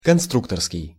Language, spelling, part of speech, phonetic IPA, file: Russian, конструкторский, adjective, [kɐnˈstruktərskʲɪj], Ru-конструкторский.ogg
- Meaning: designer, constructor